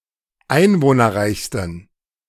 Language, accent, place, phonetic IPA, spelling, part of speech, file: German, Germany, Berlin, [ˈaɪ̯nvoːnɐˌʁaɪ̯çstn̩], einwohnerreichsten, adjective, De-einwohnerreichsten.ogg
- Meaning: 1. superlative degree of einwohnerreich 2. inflection of einwohnerreich: strong genitive masculine/neuter singular superlative degree